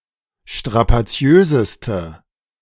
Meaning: inflection of strapaziös: 1. strong/mixed nominative/accusative feminine singular superlative degree 2. strong nominative/accusative plural superlative degree
- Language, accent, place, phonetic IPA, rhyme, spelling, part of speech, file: German, Germany, Berlin, [ʃtʁapaˈt͡si̯øːzəstə], -øːzəstə, strapaziöseste, adjective, De-strapaziöseste.ogg